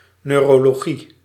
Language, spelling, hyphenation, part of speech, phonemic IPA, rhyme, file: Dutch, neurologie, neu‧ro‧lo‧gie, noun, /nøːroːloːˈɣi/, -i, Nl-neurologie.ogg
- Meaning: neurology